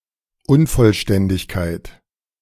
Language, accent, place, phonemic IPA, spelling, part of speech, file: German, Germany, Berlin, /ˈʔʊnfɔlʃtɛndɪçkaɪ̯t/, Unvollständigkeit, noun, De-Unvollständigkeit.ogg
- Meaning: incompleteness